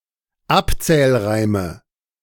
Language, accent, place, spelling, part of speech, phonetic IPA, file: German, Germany, Berlin, Abzählreime, noun, [ˈapt͡sɛːlˌʁaɪ̯mə], De-Abzählreime.ogg
- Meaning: nominative/accusative/genitive plural of Abzählreim